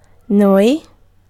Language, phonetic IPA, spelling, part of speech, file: Italian, [ˈnoi], noi, pronoun, It-noi.ogg